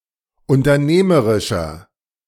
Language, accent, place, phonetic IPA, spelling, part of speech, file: German, Germany, Berlin, [ʊntɐˈneːməʁɪʃɐ], unternehmerischer, adjective, De-unternehmerischer.ogg
- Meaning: 1. comparative degree of unternehmerisch 2. inflection of unternehmerisch: strong/mixed nominative masculine singular 3. inflection of unternehmerisch: strong genitive/dative feminine singular